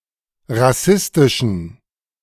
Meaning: inflection of rassistisch: 1. strong genitive masculine/neuter singular 2. weak/mixed genitive/dative all-gender singular 3. strong/weak/mixed accusative masculine singular 4. strong dative plural
- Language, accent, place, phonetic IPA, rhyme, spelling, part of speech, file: German, Germany, Berlin, [ʁaˈsɪstɪʃn̩], -ɪstɪʃn̩, rassistischen, adjective, De-rassistischen.ogg